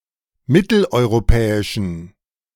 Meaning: inflection of mitteleuropäisch: 1. strong genitive masculine/neuter singular 2. weak/mixed genitive/dative all-gender singular 3. strong/weak/mixed accusative masculine singular
- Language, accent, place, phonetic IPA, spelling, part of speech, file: German, Germany, Berlin, [ˈmɪtl̩ʔɔɪ̯ʁoˌpɛːɪʃn̩], mitteleuropäischen, adjective, De-mitteleuropäischen.ogg